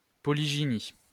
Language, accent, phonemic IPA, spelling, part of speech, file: French, France, /pɔ.li.ʒi.ni/, polygynie, noun, LL-Q150 (fra)-polygynie.wav
- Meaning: polygyny